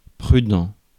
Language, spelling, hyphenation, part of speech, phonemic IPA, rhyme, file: French, prudent, pru‧dent, adjective, /pʁy.dɑ̃/, -ɑ̃, Fr-prudent.ogg
- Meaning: prudent